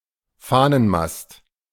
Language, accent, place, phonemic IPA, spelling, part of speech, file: German, Germany, Berlin, /ˈfaːnənˌmast/, Fahnenmast, noun, De-Fahnenmast.ogg
- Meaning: flagpole, flagstaff (a tall pole up which one or more flags may be raised and flown)